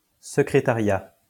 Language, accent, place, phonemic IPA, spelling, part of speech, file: French, France, Lyon, /sə.kʁe.ta.ʁja/, secrétariat, noun, LL-Q150 (fra)-secrétariat.wav
- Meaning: 1. secretariat; office 2. secretarial work